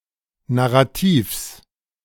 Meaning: genitive singular of Narrativ
- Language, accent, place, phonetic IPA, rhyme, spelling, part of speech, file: German, Germany, Berlin, [naʁaˈtiːfs], -iːfs, Narrativs, noun, De-Narrativs.ogg